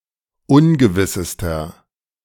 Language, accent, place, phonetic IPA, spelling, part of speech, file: German, Germany, Berlin, [ˈʊnɡəvɪsəstɐ], ungewissester, adjective, De-ungewissester.ogg
- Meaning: inflection of ungewiss: 1. strong/mixed nominative masculine singular superlative degree 2. strong genitive/dative feminine singular superlative degree 3. strong genitive plural superlative degree